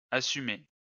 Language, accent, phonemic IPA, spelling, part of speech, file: French, France, /a.sy.me/, assumé, verb, LL-Q150 (fra)-assumé.wav
- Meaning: past participle of assumer